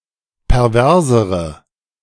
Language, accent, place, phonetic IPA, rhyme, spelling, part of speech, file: German, Germany, Berlin, [pɛʁˈvɛʁzəʁə], -ɛʁzəʁə, perversere, adjective, De-perversere.ogg
- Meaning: inflection of pervers: 1. strong/mixed nominative/accusative feminine singular comparative degree 2. strong nominative/accusative plural comparative degree